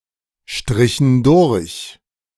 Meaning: inflection of durchstreichen: 1. first/third-person plural preterite 2. first/third-person plural subjunctive II
- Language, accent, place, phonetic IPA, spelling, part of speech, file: German, Germany, Berlin, [ˌʃtʁɪçn̩ ˈdʊʁç], strichen durch, verb, De-strichen durch.ogg